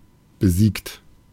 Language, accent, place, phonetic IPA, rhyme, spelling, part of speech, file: German, Germany, Berlin, [bəˈziːkt], -iːkt, besiegt, adjective / verb, De-besiegt.ogg
- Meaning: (verb) past participle of besiegen; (adjective) defeated